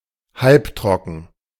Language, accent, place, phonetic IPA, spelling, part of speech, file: German, Germany, Berlin, [ˈhalpˌtʁɔkn̩], halbtrocken, adjective, De-halbtrocken.ogg
- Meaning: semi-sweet, medium sweet (typically, of wine)